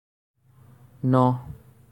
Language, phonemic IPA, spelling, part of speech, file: Assamese, /nɔ/, ন, numeral, As-ন.ogg
- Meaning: nine